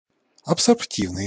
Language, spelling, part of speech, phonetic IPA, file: Russian, абсорбтивный, adjective, [ɐpsɐrpˈtʲivnɨj], Ru-абсорбтивный.ogg
- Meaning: absorptive (able to absorb)